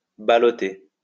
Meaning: synonym of peloter
- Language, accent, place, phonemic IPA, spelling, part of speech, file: French, France, Lyon, /ba.lɔ.te/, baloter, verb, LL-Q150 (fra)-baloter.wav